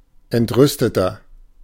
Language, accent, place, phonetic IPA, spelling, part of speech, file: German, Germany, Berlin, [ɛntˈʁʏstətɐ], entrüsteter, adjective, De-entrüsteter.ogg
- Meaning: 1. comparative degree of entrüstet 2. inflection of entrüstet: strong/mixed nominative masculine singular 3. inflection of entrüstet: strong genitive/dative feminine singular